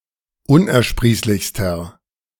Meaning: inflection of unersprießlich: 1. strong/mixed nominative masculine singular superlative degree 2. strong genitive/dative feminine singular superlative degree
- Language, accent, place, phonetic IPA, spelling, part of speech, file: German, Germany, Berlin, [ˈʊnʔɛɐ̯ˌʃpʁiːslɪçstɐ], unersprießlichster, adjective, De-unersprießlichster.ogg